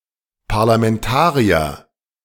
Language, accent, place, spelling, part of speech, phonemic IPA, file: German, Germany, Berlin, Parlamentarier, noun, /paʁlamɛnˈtaːʁi̯ɐ/, De-Parlamentarier.ogg
- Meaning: parliamentarian (member of parliament)